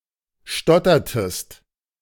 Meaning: inflection of stottern: 1. second-person singular preterite 2. second-person singular subjunctive II
- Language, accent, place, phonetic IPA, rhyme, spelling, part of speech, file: German, Germany, Berlin, [ˈʃtɔtɐtəst], -ɔtɐtəst, stottertest, verb, De-stottertest.ogg